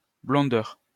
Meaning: blondness
- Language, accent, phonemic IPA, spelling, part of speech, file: French, France, /blɔ̃.dœʁ/, blondeur, noun, LL-Q150 (fra)-blondeur.wav